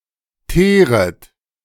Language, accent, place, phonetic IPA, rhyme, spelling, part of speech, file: German, Germany, Berlin, [ˈteːʁət], -eːʁət, teeret, verb, De-teeret.ogg
- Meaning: second-person plural subjunctive I of teeren